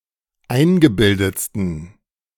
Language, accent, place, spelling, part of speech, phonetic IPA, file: German, Germany, Berlin, eingebildetsten, adjective, [ˈaɪ̯nɡəˌbɪldət͡stn̩], De-eingebildetsten.ogg
- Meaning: 1. superlative degree of eingebildet 2. inflection of eingebildet: strong genitive masculine/neuter singular superlative degree